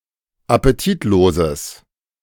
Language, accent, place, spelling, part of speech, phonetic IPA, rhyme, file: German, Germany, Berlin, appetitloses, adjective, [apeˈtiːtˌloːzəs], -iːtloːzəs, De-appetitloses.ogg
- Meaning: strong/mixed nominative/accusative neuter singular of appetitlos